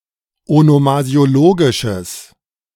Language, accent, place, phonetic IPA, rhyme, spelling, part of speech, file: German, Germany, Berlin, [onomazi̯oˈloːɡɪʃəs], -oːɡɪʃəs, onomasiologisches, adjective, De-onomasiologisches.ogg
- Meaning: strong/mixed nominative/accusative neuter singular of onomasiologisch